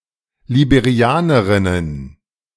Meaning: plural of Liberianerin
- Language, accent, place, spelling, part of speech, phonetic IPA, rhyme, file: German, Germany, Berlin, Liberianerinnen, noun, [libeˈʁi̯aːnəʁɪnən], -aːnəʁɪnən, De-Liberianerinnen.ogg